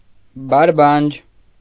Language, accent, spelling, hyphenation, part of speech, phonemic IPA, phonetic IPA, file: Armenian, Eastern Armenian, բարբանջ, բար‧բանջ, noun, /bɑɾˈbɑnd͡ʒ/, [bɑɾbɑ́nd͡ʒ], Hy-բարբանջ.ogg
- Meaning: alternative form of բարբաջ (barbaǰ)